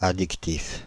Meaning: addictive (causing or tending to cause addiction; habit-forming)
- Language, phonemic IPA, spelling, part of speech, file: French, /a.dik.tif/, addictif, adjective, Fr-addictif.ogg